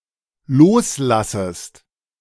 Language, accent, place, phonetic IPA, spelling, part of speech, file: German, Germany, Berlin, [ˈloːsˌlasəst], loslassest, verb, De-loslassest.ogg
- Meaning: second-person singular dependent subjunctive I of loslassen